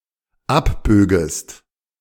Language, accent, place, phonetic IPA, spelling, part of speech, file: German, Germany, Berlin, [ˈapˌbøːɡəst], abbögest, verb, De-abbögest.ogg
- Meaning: second-person singular dependent subjunctive II of abbiegen